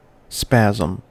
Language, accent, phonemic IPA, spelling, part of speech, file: English, US, /ˈspæz.m̩/, spasm, noun / verb, En-us-spasm.ogg
- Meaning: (noun) 1. A sudden, involuntary contraction of a muscle, a group of muscles, or a hollow organ 2. A violent, excruciating seizure of pain